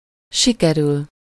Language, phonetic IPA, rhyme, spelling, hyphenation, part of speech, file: Hungarian, [ˈʃikɛryl], -yl, sikerül, si‧ke‧rül, verb, Hu-sikerül.ogg
- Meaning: 1. to succeed in doing something, to manage to do something 2. to turn out (well)